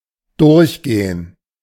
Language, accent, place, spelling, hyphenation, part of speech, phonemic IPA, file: German, Germany, Berlin, durchgehen, durch‧ge‧hen, verb, /ˈdʊrçˌɡeːən/, De-durchgehen.ogg
- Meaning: 1. to go through; to walk through 2. to go all the way (to); to reach as far as 3. to bolt 4. to pass; to be accepted 5. to go through; to go over; to read or discuss